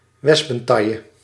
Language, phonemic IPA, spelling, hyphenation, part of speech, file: Dutch, /ˈʋɛs.pə(n)ˌtɑ.jə/, wespentaille, wes‧pen‧tail‧le, noun, Nl-wespentaille.ogg
- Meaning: a wasp waist, wasp-like waistline, a very slim waist